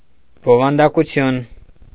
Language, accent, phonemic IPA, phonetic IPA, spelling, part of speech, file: Armenian, Eastern Armenian, /bovɑndɑkuˈtʰjun/, [bovɑndɑkut͡sʰjún], բովանդակություն, noun, Hy-բովանդակություն.ogg
- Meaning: 1. content 2. content, substance 3. contents 4. table of contents